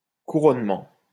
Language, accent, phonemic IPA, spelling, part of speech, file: French, France, /ku.ʁɔn.mɑ̃/, couronnement, noun, LL-Q150 (fra)-couronnement.wav
- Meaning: 1. a coronation, crowning ceremony 2. any similar investiture, triumph etc 3. a crest, something physically in prominent top-position 4. a culmination